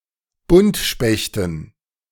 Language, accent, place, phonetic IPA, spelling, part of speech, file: German, Germany, Berlin, [ˈbʊntʃpɛçtn̩], Buntspechten, noun, De-Buntspechten.ogg
- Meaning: dative plural of Buntspecht